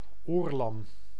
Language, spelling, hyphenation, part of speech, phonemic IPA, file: Dutch, oorlam, oor‧lam, noun, /ˈoːr.lɑm/, Nl-oorlam.ogg
- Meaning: 1. an alcoholic draught, usually jenever 2. a long-time resident in the Dutch East Indies 3. an experienced sailor